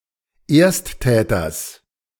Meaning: genitive singular of Ersttäter
- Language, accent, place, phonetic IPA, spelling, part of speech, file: German, Germany, Berlin, [ˈeːɐ̯stˌtɛːtɐs], Ersttäters, noun, De-Ersttäters.ogg